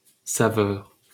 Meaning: taste, flavour
- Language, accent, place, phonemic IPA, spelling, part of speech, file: French, France, Paris, /sa.vœʁ/, saveur, noun, LL-Q150 (fra)-saveur.wav